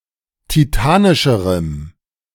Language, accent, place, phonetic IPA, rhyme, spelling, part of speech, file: German, Germany, Berlin, [tiˈtaːnɪʃəʁəm], -aːnɪʃəʁəm, titanischerem, adjective, De-titanischerem.ogg
- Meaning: strong dative masculine/neuter singular comparative degree of titanisch